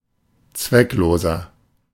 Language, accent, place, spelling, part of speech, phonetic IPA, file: German, Germany, Berlin, zweckloser, adjective, [ˈt͡svɛkˌloːzɐ], De-zweckloser.ogg
- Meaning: 1. comparative degree of zwecklos 2. inflection of zwecklos: strong/mixed nominative masculine singular 3. inflection of zwecklos: strong genitive/dative feminine singular